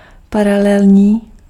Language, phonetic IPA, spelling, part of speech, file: Czech, [ˈparalɛlɲiː], paralelní, adjective, Cs-paralelní.ogg
- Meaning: parallel (all senses but the geometrical one)